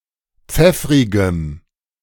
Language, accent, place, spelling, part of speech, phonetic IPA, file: German, Germany, Berlin, pfeffrigem, adjective, [ˈp͡fɛfʁɪɡəm], De-pfeffrigem.ogg
- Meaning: strong dative masculine/neuter singular of pfeffrig